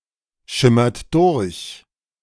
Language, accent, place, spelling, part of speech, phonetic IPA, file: German, Germany, Berlin, schimmert durch, verb, [ˌʃɪmɐt ˈdʊʁç], De-schimmert durch.ogg
- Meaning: inflection of durchschimmern: 1. second-person plural present 2. third-person singular present 3. plural imperative